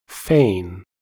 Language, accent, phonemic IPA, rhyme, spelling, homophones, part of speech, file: English, US, /feɪn/, -eɪn, fane, feign / foehn, noun, En-us-fane.ogg
- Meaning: 1. A weathercock, a weather vane 2. A banner, especially a military banner 3. A temple or sacred place